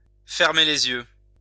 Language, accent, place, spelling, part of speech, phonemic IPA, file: French, France, Lyon, fermer les yeux, verb, /fɛʁ.me le.z‿jø/, LL-Q150 (fra)-fermer les yeux.wav
- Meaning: 1. to shut one's eyes 2. to turn a blind eye 3. to pass away, to die